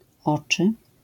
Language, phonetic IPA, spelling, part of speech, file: Polish, [ˈɔt͡ʃɨ], oczy, noun, LL-Q809 (pol)-oczy.wav